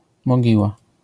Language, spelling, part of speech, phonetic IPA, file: Polish, mogiła, noun, [mɔˈɟiwa], LL-Q809 (pol)-mogiła.wav